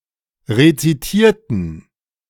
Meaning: inflection of rezitieren: 1. first/third-person plural preterite 2. first/third-person plural subjunctive II
- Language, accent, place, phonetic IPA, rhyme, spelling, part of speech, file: German, Germany, Berlin, [ʁet͡siˈtiːɐ̯tn̩], -iːɐ̯tn̩, rezitierten, adjective / verb, De-rezitierten.ogg